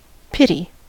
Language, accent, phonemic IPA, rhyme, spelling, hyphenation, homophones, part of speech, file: English, US, /ˈpɪt.i/, -ɪti, pity, pit‧y, pitty, noun / verb / interjection, En-us-pity.ogg
- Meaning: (noun) 1. A feeling of sympathy at the misfortune or suffering of someone or something 2. Feeling of contempt one has for someone who is hopelessly inferior 3. Something regrettable 4. Piety